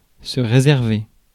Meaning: 1. to reserve, to make a reservation (for), to book 2. to reserve, to put aside
- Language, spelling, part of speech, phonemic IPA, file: French, réserver, verb, /ʁe.zɛʁ.ve/, Fr-réserver.ogg